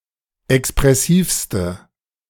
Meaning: inflection of expressiv: 1. strong/mixed nominative/accusative feminine singular superlative degree 2. strong nominative/accusative plural superlative degree
- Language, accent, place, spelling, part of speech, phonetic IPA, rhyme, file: German, Germany, Berlin, expressivste, adjective, [ɛkspʁɛˈsiːfstə], -iːfstə, De-expressivste.ogg